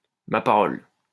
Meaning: 1. my word! (expression of surprise) 2. swear to God!
- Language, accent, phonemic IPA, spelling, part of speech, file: French, France, /ma pa.ʁɔl/, ma parole, interjection, LL-Q150 (fra)-ma parole.wav